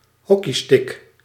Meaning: hockey stick
- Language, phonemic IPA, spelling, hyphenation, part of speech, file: Dutch, /ˈɦɔ.kiˌstɪk/, hockeystick, hoc‧key‧stick, noun, Nl-hockeystick.ogg